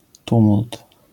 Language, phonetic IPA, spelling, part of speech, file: Polish, [ˈtũmult], tumult, noun, LL-Q809 (pol)-tumult.wav